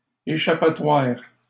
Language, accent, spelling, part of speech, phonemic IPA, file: French, Canada, échappatoire, noun, /e.ʃa.pa.twaʁ/, LL-Q150 (fra)-échappatoire.wav
- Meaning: loophole, escape route (method of escape)